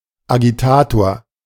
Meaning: agitator
- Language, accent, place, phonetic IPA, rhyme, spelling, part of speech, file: German, Germany, Berlin, [aɡiˈtaːtoːɐ̯], -aːtoːɐ̯, Agitator, noun, De-Agitator.ogg